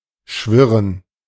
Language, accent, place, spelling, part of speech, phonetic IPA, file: German, Germany, Berlin, schwirren, verb, [ˈʃvɪʁən], De-schwirren.ogg
- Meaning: 1. to buzz 2. to whirr 3. to twang 4. to whiz 5. to whirl around (in one's head)